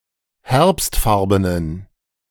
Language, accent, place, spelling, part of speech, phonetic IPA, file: German, Germany, Berlin, herbstfarbenen, adjective, [ˈhɛʁpstˌfaʁbənən], De-herbstfarbenen.ogg
- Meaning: inflection of herbstfarben: 1. strong genitive masculine/neuter singular 2. weak/mixed genitive/dative all-gender singular 3. strong/weak/mixed accusative masculine singular 4. strong dative plural